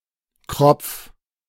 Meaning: 1. crop, craw (part of a bird's throat) 2. goitre (enlargement of the neck)
- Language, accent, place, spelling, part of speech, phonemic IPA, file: German, Germany, Berlin, Kropf, noun, /krɔpf/, De-Kropf.ogg